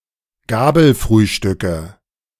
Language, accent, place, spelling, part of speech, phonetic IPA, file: German, Germany, Berlin, Gabelfrühstücke, noun, [ˈɡaːbl̩ˌfʁyːʃtʏkə], De-Gabelfrühstücke.ogg
- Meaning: nominative/accusative/genitive plural of Gabelfrühstück